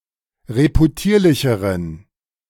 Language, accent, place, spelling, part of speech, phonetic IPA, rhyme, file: German, Germany, Berlin, reputierlicheren, adjective, [ʁepuˈtiːɐ̯lɪçəʁən], -iːɐ̯lɪçəʁən, De-reputierlicheren.ogg
- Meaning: inflection of reputierlich: 1. strong genitive masculine/neuter singular comparative degree 2. weak/mixed genitive/dative all-gender singular comparative degree